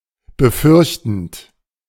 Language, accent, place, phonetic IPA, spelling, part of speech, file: German, Germany, Berlin, [bəˈfʏʁçtn̩t], befürchtend, verb, De-befürchtend.ogg
- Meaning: present participle of befürchten